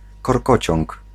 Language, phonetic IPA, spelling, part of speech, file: Polish, [kɔrˈkɔt͡ɕɔ̃ŋk], korkociąg, noun, Pl-korkociąg.ogg